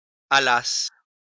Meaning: second-person singular imperfect subjunctive of aller
- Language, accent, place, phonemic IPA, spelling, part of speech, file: French, France, Lyon, /a.las/, allasses, verb, LL-Q150 (fra)-allasses.wav